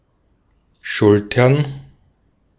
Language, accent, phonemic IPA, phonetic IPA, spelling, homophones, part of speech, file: German, Austria, /ˈʃʊltəʁn/, [ˈʃʊltʰɐn], schultern, Schultern, verb, De-at-schultern.ogg
- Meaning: to shoulder (to carry something on one's shoulders)